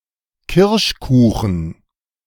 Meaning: cherry pie, cherry cake, cherry tart
- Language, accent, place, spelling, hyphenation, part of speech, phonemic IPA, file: German, Germany, Berlin, Kirschkuchen, Kirsch‧ku‧chen, noun, /ˈkɪʁʃˌkuːχn̩/, De-Kirschkuchen.ogg